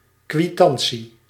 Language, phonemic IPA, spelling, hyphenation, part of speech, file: Dutch, /kʋiˈtɑn(t)si/, kwitantie, kwi‧tan‧tie, noun, Nl-kwitantie.ogg
- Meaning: receipt